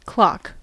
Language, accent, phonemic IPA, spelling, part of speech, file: English, General American, /klɑk/, clock, noun / verb, En-us-clock.ogg
- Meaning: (noun) 1. A chronometer, an instrument that measures time, particularly the time of day 2. A common noun relating to an instrument that measures or keeps track of time